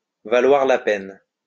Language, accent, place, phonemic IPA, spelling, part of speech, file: French, France, Lyon, /va.lwaʁ la pɛn/, valoir la peine, verb, LL-Q150 (fra)-valoir la peine.wav
- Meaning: to be worth the trouble; to be worth it; to be worthwhile